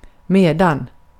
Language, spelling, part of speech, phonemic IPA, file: Swedish, medan, conjunction, /²meːdan/, Sv-medan.ogg
- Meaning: while; during the same time that